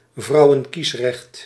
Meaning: women’s suffrage
- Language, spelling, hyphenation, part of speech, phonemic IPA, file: Dutch, vrouwenkiesrecht, vrou‧wen‧kies‧recht, noun, /ˈvrɑu̯.ə(n)ˌkis.rɛxt/, Nl-vrouwenkiesrecht.ogg